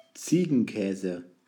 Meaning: goat cheese
- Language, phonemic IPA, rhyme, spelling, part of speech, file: German, /ˈt͡siːɡn̩ˌkɛːzə/, -ɛːzə, Ziegenkäse, noun, De-Ziegenkäse.ogg